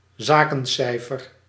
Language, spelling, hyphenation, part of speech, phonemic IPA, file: Dutch, zakencijfer, za‧ken‧cij‧fer, noun, /ˈzaː.kə(n)ˌsɛi̯.fər/, Nl-zakencijfer.ogg
- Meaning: revenue, turnover